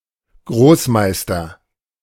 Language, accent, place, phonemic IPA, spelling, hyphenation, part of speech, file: German, Germany, Berlin, /ˈɡʁoːsˌmaɪ̯stɐ/, Großmeister, Groß‧meis‧ter, noun, De-Großmeister.ogg
- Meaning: 1. Grand Master (male or of unspecified sex) 2. grandmaster (as above) 3. Grandmaster (as above)